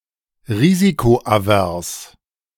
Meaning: risk-averse
- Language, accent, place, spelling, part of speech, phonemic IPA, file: German, Germany, Berlin, risikoavers, adjective, /ˈʁiːzikoʔaˌvɛʁs/, De-risikoavers.ogg